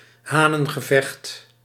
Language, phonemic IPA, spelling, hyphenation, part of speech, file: Dutch, /ˈɦaː.nə(n).ɣəˌvɛxt/, hanengevecht, ha‧nen‧ge‧vecht, noun, Nl-hanengevecht.ogg
- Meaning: cockfight